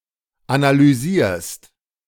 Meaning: second-person singular present of analysieren
- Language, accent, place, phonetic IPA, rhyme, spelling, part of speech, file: German, Germany, Berlin, [analyˈziːɐ̯st], -iːɐ̯st, analysierst, verb, De-analysierst.ogg